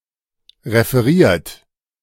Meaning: 1. past participle of referieren 2. inflection of referieren: second-person plural present 3. inflection of referieren: third-person singular present 4. inflection of referieren: plural imperative
- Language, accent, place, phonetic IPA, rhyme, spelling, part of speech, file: German, Germany, Berlin, [ʁefəˈʁiːɐ̯t], -iːɐ̯t, referiert, verb, De-referiert.ogg